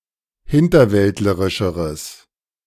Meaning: strong/mixed nominative/accusative neuter singular comparative degree of hinterwäldlerisch
- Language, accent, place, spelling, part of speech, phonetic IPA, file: German, Germany, Berlin, hinterwäldlerischeres, adjective, [ˈhɪntɐˌvɛltləʁɪʃəʁəs], De-hinterwäldlerischeres.ogg